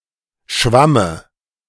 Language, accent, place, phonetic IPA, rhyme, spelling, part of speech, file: German, Germany, Berlin, [ˈʃvamə], -amə, Schwamme, noun, De-Schwamme.ogg
- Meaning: dative of Schwamm